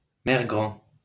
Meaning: grandma
- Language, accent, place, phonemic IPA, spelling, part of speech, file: French, France, Lyon, /mɛʁ.ɡʁɑ̃/, mère-grand, noun, LL-Q150 (fra)-mère-grand.wav